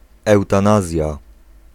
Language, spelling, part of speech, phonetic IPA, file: Polish, eutanazja, noun, [ˌɛwtãˈnazʲja], Pl-eutanazja.ogg